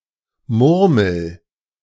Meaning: inflection of murmeln: 1. first-person singular present 2. singular imperative
- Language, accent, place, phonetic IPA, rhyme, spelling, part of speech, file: German, Germany, Berlin, [ˈmʊʁml̩], -ʊʁml̩, murmel, verb, De-murmel.ogg